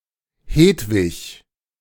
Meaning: a female given name from Proto-Germanic, borne by a 12th/13th century Silesian saint
- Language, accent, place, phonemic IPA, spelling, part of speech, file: German, Germany, Berlin, /ˈheːtvɪç/, Hedwig, proper noun, De-Hedwig.ogg